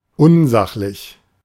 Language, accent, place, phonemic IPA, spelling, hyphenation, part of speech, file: German, Germany, Berlin, /ˈʊnˌzaχlɪç/, unsachlich, un‧sach‧lich, adjective, De-unsachlich.ogg
- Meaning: 1. unobjective 2. uncalled-for